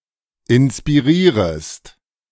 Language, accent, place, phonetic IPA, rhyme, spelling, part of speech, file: German, Germany, Berlin, [ɪnspiˈʁiːʁəst], -iːʁəst, inspirierest, verb, De-inspirierest.ogg
- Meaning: second-person singular subjunctive I of inspirieren